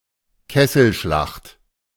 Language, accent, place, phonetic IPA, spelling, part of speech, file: German, Germany, Berlin, [ˈkɛsl̩ˌʃlaxt], Kesselschlacht, noun, De-Kesselschlacht.ogg
- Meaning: battle of encirclement, cauldron battle